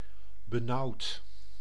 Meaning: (verb) past participle of benauwen; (adjective) 1. stuffy, poorly ventilated 2. having difficulties with breathing 3. cramped, too confined
- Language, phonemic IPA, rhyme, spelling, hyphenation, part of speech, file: Dutch, /bəˈnɑu̯t/, -ɑu̯t, benauwd, be‧nauwd, verb / adjective, Nl-benauwd.ogg